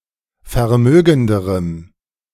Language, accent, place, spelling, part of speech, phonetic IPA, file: German, Germany, Berlin, vermögenderem, adjective, [fɛɐ̯ˈmøːɡn̩dəʁəm], De-vermögenderem.ogg
- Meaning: strong dative masculine/neuter singular comparative degree of vermögend